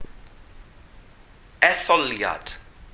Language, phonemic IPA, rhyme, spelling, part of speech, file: Welsh, /ɛˈθɔljad/, -ɔljad, etholiad, noun, Cy-etholiad.ogg
- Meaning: election